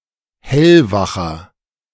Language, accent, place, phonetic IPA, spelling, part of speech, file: German, Germany, Berlin, [ˈhɛlvaxɐ], hellwacher, adjective, De-hellwacher.ogg
- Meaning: inflection of hellwach: 1. strong/mixed nominative masculine singular 2. strong genitive/dative feminine singular 3. strong genitive plural